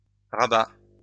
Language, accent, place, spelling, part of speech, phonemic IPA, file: French, France, Lyon, rabat, noun / verb, /ʁa.ba/, LL-Q150 (fra)-rabat.wav
- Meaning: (noun) 1. band (neckwear) 2. flap (of bag, pocket etc.); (verb) third-person singular present indicative of rabattre